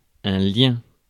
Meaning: 1. tie, bond 2. link
- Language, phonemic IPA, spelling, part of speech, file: French, /ljɛ̃/, lien, noun, Fr-lien.ogg